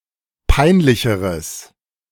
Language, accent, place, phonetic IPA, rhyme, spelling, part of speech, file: German, Germany, Berlin, [ˈpaɪ̯nˌlɪçəʁəs], -aɪ̯nlɪçəʁəs, peinlicheres, adjective, De-peinlicheres.ogg
- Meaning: strong/mixed nominative/accusative neuter singular comparative degree of peinlich